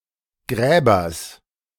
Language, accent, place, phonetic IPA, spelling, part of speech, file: German, Germany, Berlin, [ˈɡʁɛːbɐs], Gräbers, noun, De-Gräbers.ogg
- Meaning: genitive of Gräber